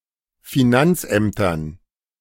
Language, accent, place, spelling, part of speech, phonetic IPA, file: German, Germany, Berlin, Finanzämtern, noun, [fiˈnant͡sˌʔɛmtɐn], De-Finanzämtern.ogg
- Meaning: dative plural of Finanzamt